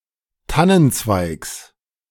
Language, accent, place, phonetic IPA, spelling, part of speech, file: German, Germany, Berlin, [ˈtanənˌt͡svaɪ̯ks], Tannenzweigs, noun, De-Tannenzweigs.ogg
- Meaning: genitive singular of Tannenzweig